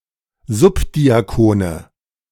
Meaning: nominative/accusative/genitive plural of Subdiakon
- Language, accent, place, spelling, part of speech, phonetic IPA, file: German, Germany, Berlin, Subdiakone, noun, [ˈzʊpdiaˌkoːnə], De-Subdiakone.ogg